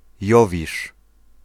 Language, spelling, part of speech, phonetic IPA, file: Polish, Jowisz, proper noun, [ˈjɔvʲiʃ], Pl-Jowisz.ogg